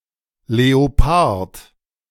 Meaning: leopard
- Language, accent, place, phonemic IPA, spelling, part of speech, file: German, Germany, Berlin, /leoˈpaʁt/, Leopard, noun, De-Leopard.ogg